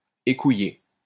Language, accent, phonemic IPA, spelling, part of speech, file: French, France, /e.ku.je/, écouillé, verb, LL-Q150 (fra)-écouillé.wav
- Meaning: past participle of écouiller